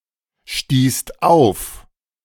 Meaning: second-person singular/plural preterite of aufstoßen
- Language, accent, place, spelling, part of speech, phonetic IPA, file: German, Germany, Berlin, stießt auf, verb, [ʃtiːst ˈaʊ̯f], De-stießt auf.ogg